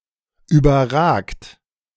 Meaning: 1. past participle of überragen 2. inflection of überragen: third-person singular present 3. inflection of überragen: second-person plural present 4. inflection of überragen: plural imperative
- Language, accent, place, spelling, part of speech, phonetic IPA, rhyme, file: German, Germany, Berlin, überragt, verb, [ˌyːbɐˈʁaːkt], -aːkt, De-überragt.ogg